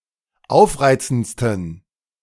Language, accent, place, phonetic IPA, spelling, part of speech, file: German, Germany, Berlin, [ˈaʊ̯fˌʁaɪ̯t͡sn̩t͡stən], aufreizendsten, adjective, De-aufreizendsten.ogg
- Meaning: 1. superlative degree of aufreizend 2. inflection of aufreizend: strong genitive masculine/neuter singular superlative degree